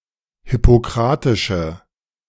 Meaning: inflection of hippokratisch: 1. strong/mixed nominative/accusative feminine singular 2. strong nominative/accusative plural 3. weak nominative all-gender singular
- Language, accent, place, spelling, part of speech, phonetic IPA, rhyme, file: German, Germany, Berlin, hippokratische, adjective, [hɪpoˈkʁaːtɪʃə], -aːtɪʃə, De-hippokratische.ogg